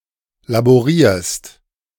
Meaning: second-person singular present of laborieren
- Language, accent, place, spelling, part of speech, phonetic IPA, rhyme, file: German, Germany, Berlin, laborierst, verb, [laboˈʁiːɐ̯st], -iːɐ̯st, De-laborierst.ogg